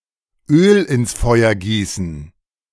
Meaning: to add fuel to the fire
- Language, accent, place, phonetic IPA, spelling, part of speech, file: German, Germany, Berlin, [ˌøːl ɪns ˈfɔɪ̯ɐ ˈɡiːsn̩], Öl ins Feuer gießen, phrase, De-Öl ins Feuer gießen.ogg